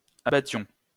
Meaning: inflection of abattre: 1. first-person plural imperfect indicative 2. first-person plural present subjunctive
- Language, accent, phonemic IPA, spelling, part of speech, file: French, France, /a.ba.tjɔ̃/, abattions, verb, LL-Q150 (fra)-abattions.wav